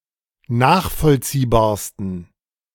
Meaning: 1. superlative degree of nachvollziehbar 2. inflection of nachvollziehbar: strong genitive masculine/neuter singular superlative degree
- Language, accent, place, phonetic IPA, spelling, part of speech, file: German, Germany, Berlin, [ˈnaːxfɔlt͡siːbaːɐ̯stn̩], nachvollziehbarsten, adjective, De-nachvollziehbarsten.ogg